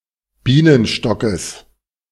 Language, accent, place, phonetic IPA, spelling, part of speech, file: German, Germany, Berlin, [ˈbiːnənʃtɔkəs], Bienenstockes, noun, De-Bienenstockes.ogg
- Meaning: genitive singular of Bienenstock